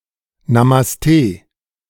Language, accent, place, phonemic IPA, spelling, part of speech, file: German, Germany, Berlin, /namasˈteː/, Namaste, interjection / noun, De-Namaste.ogg
- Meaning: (interjection) namaste!; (noun) namaste